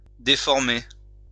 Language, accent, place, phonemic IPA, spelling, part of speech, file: French, France, Lyon, /de.fɔʁ.me/, déformer, verb, LL-Q150 (fra)-déformer.wav
- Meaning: 1. to distort, to twist out of shape, to contort (to bring something out of shape) 2. to distort, to pervert